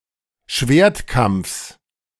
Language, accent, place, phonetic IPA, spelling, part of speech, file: German, Germany, Berlin, [ˈʃveːɐ̯tˌkamp͡fs], Schwertkampfs, noun, De-Schwertkampfs.ogg
- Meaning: genitive of Schwertkampf